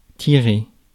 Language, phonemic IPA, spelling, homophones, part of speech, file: French, /ti.ʁe/, tirer, tiré / Thyrée, verb, Fr-tirer.ogg
- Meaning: 1. to draw, drag, pull 2. to shoot 3. to draw (conclusions), to consider (consequences) 4. to leave a place 5. to set free, to deliver